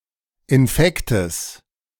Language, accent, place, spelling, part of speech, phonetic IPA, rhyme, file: German, Germany, Berlin, Infektes, noun, [ɪnˈfɛktəs], -ɛktəs, De-Infektes.ogg
- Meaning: genitive singular of Infekt